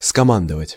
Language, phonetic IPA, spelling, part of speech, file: Russian, [skɐˈmandəvətʲ], скомандовать, verb, Ru-скомандовать.ogg
- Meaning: to command, to order